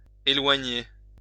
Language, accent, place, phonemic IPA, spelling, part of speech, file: French, France, Lyon, /e.lwa.ɲe/, éloigner, verb, LL-Q150 (fra)-éloigner.wav
- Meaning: 1. to remove 2. to distance, to draw or pull away from 3. to distance oneself, to pull oneself away from